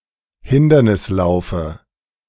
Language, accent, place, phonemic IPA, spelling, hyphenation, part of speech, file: German, Germany, Berlin, /ˈhɪndɐnɪsˌlaʊ̯fə/, Hindernislaufe, Hin‧der‧nis‧lau‧fe, noun, De-Hindernislaufe.ogg
- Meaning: dative singular of Hindernislauf